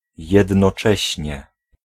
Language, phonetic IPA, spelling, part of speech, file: Polish, [ˌjɛdnɔˈt͡ʃɛɕɲɛ], jednocześnie, adverb, Pl-jednocześnie.ogg